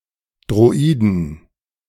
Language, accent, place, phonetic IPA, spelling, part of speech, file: German, Germany, Berlin, [dʁoˈiːdən], Droiden, noun, De-Droiden.ogg
- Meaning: 1. genitive singular of Droide 2. plural of Droide